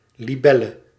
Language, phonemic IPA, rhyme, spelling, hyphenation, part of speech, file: Dutch, /ˌliˈbɛ.lə/, -ɛlə, libelle, li‧bel‧le, noun, Nl-libelle.ogg
- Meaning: alternative form of libel